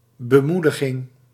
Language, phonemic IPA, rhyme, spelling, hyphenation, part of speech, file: Dutch, /bəˈmu.dəˌɣɪŋ/, -udəɣɪŋ, bemoediging, be‧moe‧di‧ging, noun, Nl-bemoediging.ogg
- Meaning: encouragement